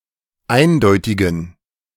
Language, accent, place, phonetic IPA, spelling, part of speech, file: German, Germany, Berlin, [ˈaɪ̯nˌdɔɪ̯tɪɡn̩], eindeutigen, adjective, De-eindeutigen.ogg
- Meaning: inflection of eindeutig: 1. strong genitive masculine/neuter singular 2. weak/mixed genitive/dative all-gender singular 3. strong/weak/mixed accusative masculine singular 4. strong dative plural